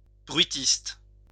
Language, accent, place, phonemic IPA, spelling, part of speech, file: French, France, Lyon, /bʁɥi.tist/, bruitiste, adjective, LL-Q150 (fra)-bruitiste.wav
- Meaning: 1. noisy 2. noise